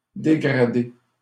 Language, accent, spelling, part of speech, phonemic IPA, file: French, Canada, dégrader, verb, /de.ɡʁa.de/, LL-Q150 (fra)-dégrader.wav
- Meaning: 1. to demote (lower someone's position in an organisation) 2. to degrade (lessen someone's reputation) 3. to deface (vandalise)